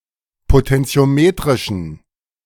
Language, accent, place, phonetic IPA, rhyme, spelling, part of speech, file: German, Germany, Berlin, [potɛnt͡si̯oˈmeːtʁɪʃn̩], -eːtʁɪʃn̩, potentiometrischen, adjective, De-potentiometrischen.ogg
- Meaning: inflection of potentiometrisch: 1. strong genitive masculine/neuter singular 2. weak/mixed genitive/dative all-gender singular 3. strong/weak/mixed accusative masculine singular